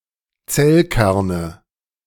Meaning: nominative/accusative/genitive plural of Zellkern
- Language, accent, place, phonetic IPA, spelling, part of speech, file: German, Germany, Berlin, [ˈt͡sɛlˌkɛʁnə], Zellkerne, noun, De-Zellkerne.ogg